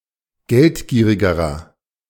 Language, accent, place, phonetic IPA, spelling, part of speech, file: German, Germany, Berlin, [ˈɡɛltˌɡiːʁɪɡəʁɐ], geldgierigerer, adjective, De-geldgierigerer.ogg
- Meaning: inflection of geldgierig: 1. strong/mixed nominative masculine singular comparative degree 2. strong genitive/dative feminine singular comparative degree 3. strong genitive plural comparative degree